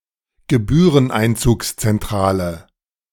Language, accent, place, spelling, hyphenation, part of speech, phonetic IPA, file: German, Germany, Berlin, Gebühreneinzugszentrale, Ge‧büh‧ren‧ein‧zugs‧zen‧t‧ra‧le, noun, [ɡəˈbyːʁənʔaɪ̯nt͡suːkst͡sɛnˌtʁaːlə], De-Gebühreneinzugszentrale.ogg